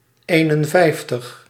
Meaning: fifty-one
- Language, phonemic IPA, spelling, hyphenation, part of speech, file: Dutch, /ˈeːnənˌvɛi̯ftəx/, eenenvijftig, een‧en‧vijf‧tig, numeral, Nl-eenenvijftig.ogg